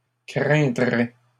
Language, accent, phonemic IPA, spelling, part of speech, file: French, Canada, /kʁɛ̃.dʁɛ/, craindrais, verb, LL-Q150 (fra)-craindrais.wav
- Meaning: first/second-person singular conditional of craindre